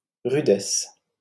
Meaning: roughness, harshness; ruggedness
- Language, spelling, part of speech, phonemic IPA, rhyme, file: French, rudesse, noun, /ʁy.dɛs/, -ɛs, LL-Q150 (fra)-rudesse.wav